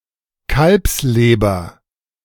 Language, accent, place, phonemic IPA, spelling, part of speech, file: German, Germany, Berlin, /ˈkalpsleːbɐ/, Kalbsleber, noun, De-Kalbsleber.ogg
- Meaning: calf's liver